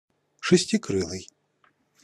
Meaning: six-winged, hexapterous
- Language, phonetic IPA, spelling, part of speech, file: Russian, [ʂɨsʲtʲɪˈkrɨɫɨj], шестикрылый, adjective, Ru-шестикрылый.ogg